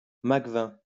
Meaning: a fortified wine from the Jura region of France
- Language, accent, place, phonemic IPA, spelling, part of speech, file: French, France, Lyon, /mak.vɛ̃/, macvin, noun, LL-Q150 (fra)-macvin.wav